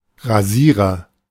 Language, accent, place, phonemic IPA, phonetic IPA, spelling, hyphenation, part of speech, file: German, Germany, Berlin, /ʁaˈziːʁəʁ/, [ʁaˈziː.ʁɐ], Rasierer, Ra‧sie‧rer, noun, De-Rasierer.ogg
- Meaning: agent noun of rasieren: 1. razor (tool for shaving) 2. shaver, one who shaves